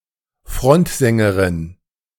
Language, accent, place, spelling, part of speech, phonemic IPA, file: German, Germany, Berlin, Frontsängerin, noun, /ˈfʁɔntzɛŋɡəʁɪn/, De-Frontsängerin.ogg
- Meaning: female equivalent of Frontsänger